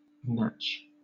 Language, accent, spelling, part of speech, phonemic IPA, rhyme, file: English, Southern England, natch, adverb / noun, /næt͡ʃ/, -ætʃ, LL-Q1860 (eng)-natch.wav
- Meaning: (adverb) Naturally; of course; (noun) 1. The rump of beef, especially the lower and back part of the rump 2. A notch